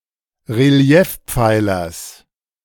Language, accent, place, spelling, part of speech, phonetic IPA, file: German, Germany, Berlin, Reliefpfeilers, noun, [ʁeˈli̯ɛfˌp͡faɪ̯lɐs], De-Reliefpfeilers.ogg
- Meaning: genitive of Reliefpfeiler